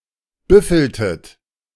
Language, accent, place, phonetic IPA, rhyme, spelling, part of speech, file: German, Germany, Berlin, [ˈbʏfl̩tət], -ʏfl̩tət, büffeltet, verb, De-büffeltet.ogg
- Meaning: inflection of büffeln: 1. second-person plural preterite 2. second-person plural subjunctive II